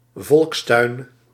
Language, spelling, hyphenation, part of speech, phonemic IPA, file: Dutch, volkstuin, volks‧tuin, noun, /ˈvɔlks.tœy̯n/, Nl-volkstuin.ogg